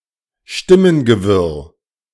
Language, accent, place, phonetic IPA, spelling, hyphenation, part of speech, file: German, Germany, Berlin, [ˈʃtɪmənɡəˌvɪʁ], Stimmengewirr, Stim‧men‧ge‧wirr, noun, De-Stimmengewirr.ogg
- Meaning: babble of voices